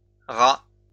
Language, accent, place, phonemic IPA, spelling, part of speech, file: French, France, Lyon, /ʁa/, rats, noun, LL-Q150 (fra)-rats.wav
- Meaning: plural of rat